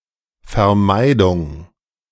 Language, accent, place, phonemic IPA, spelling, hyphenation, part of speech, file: German, Germany, Berlin, /fɛɐ̯ˈmaɪ̯dʊŋ/, Vermeidung, Ver‧mei‧dung, noun, De-Vermeidung.ogg
- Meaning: avoidance